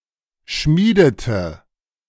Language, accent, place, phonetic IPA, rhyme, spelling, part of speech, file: German, Germany, Berlin, [ˈʃmiːdətə], -iːdətə, schmiedete, verb, De-schmiedete.ogg
- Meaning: inflection of schmieden: 1. first/third-person singular preterite 2. first/third-person singular subjunctive II